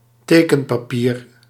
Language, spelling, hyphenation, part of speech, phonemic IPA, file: Dutch, tekenpapier, te‧ken‧pa‧pier, noun, /ˈteː.kə(n).paːˌpiːr/, Nl-tekenpapier.ogg
- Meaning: drawing paper